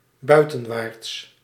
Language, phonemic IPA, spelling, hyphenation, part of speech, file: Dutch, /ˈbœy̯.tə(n)ˌʋaːrts/, buitenwaarts, bui‧ten‧waarts, adverb, Nl-buitenwaarts.ogg
- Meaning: outwards